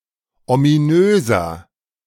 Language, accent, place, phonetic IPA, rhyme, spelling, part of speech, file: German, Germany, Berlin, [omiˈnøːzɐ], -øːzɐ, ominöser, adjective, De-ominöser.ogg
- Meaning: 1. comparative degree of ominös 2. inflection of ominös: strong/mixed nominative masculine singular 3. inflection of ominös: strong genitive/dative feminine singular